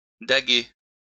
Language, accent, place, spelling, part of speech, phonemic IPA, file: French, France, Lyon, daguer, verb, /da.ɡe/, LL-Q150 (fra)-daguer.wav
- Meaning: "to stab; (hunt.) to rut"